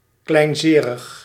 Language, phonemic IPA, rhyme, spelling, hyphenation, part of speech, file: Dutch, /ˌklɛi̯nˈzeː.rəx/, -eːrəx, kleinzerig, klein‧ze‧rig, adjective, Nl-kleinzerig.ogg
- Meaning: petty in relation to pain or hardship, with a low pain threshold, with little endurance